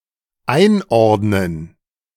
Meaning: to categorize: 1. to classify (to determine the class of an item) 2. to categorize, to place someone or something
- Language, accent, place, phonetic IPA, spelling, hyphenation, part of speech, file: German, Germany, Berlin, [ʔaɪ̯nˌɔʁdnən], einordnen, ein‧ord‧nen, verb, De-einordnen.ogg